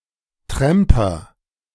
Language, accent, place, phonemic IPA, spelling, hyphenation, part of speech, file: German, Germany, Berlin, /ˈtʁɛmpɐ/, Tramper, Tram‧per, noun, De-Tramper.ogg
- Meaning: hitchhiker